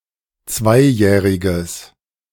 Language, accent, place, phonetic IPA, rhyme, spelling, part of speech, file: German, Germany, Berlin, [ˈt͡svaɪ̯ˌjɛːʁɪɡəs], -aɪ̯jɛːʁɪɡəs, zweijähriges, adjective, De-zweijähriges.ogg
- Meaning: strong/mixed nominative/accusative neuter singular of zweijährig